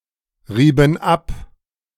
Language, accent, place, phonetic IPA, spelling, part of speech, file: German, Germany, Berlin, [ˌʁiːbn̩ ˈap], rieben ab, verb, De-rieben ab.ogg
- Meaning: inflection of abreiben: 1. first/third-person plural preterite 2. first/third-person plural subjunctive II